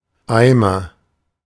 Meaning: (noun) 1. bucket, pail 2. idiot, loser; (proper noun) a surname
- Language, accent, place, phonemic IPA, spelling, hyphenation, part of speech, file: German, Germany, Berlin, /ˈaɪ̯mər/, Eimer, Ei‧mer, noun / proper noun, De-Eimer.ogg